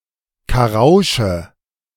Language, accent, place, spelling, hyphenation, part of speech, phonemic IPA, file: German, Germany, Berlin, Karausche, Ka‧rau‧sche, noun, /kaˈʁaʊ̯ʃə/, De-Karausche.ogg
- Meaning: crucian carp (Carassius carassius)